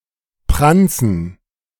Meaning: to boast
- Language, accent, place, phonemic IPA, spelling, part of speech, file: German, Germany, Berlin, /ˈpran(t)sən/, pranzen, verb, De-pranzen.ogg